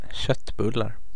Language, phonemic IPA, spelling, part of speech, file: Swedish, /ˈɕœtːˌbɵlar/, köttbullar, noun, Sv-köttbullar.ogg
- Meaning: indefinite plural of köttbulle